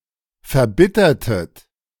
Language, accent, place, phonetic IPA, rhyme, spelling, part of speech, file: German, Germany, Berlin, [fɛɐ̯ˈbɪtɐtət], -ɪtɐtət, verbittertet, verb, De-verbittertet.ogg
- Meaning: inflection of verbittern: 1. second-person plural preterite 2. second-person plural subjunctive II